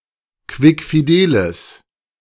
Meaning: strong/mixed nominative/accusative neuter singular of quickfidel
- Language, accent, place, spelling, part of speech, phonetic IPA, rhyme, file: German, Germany, Berlin, quickfideles, adjective, [ˌkvɪkfiˈdeːləs], -eːləs, De-quickfideles.ogg